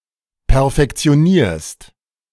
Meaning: second-person singular present of perfektionieren
- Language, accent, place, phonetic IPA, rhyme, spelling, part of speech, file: German, Germany, Berlin, [pɛɐ̯fɛkt͡si̯oˈniːɐ̯st], -iːɐ̯st, perfektionierst, verb, De-perfektionierst.ogg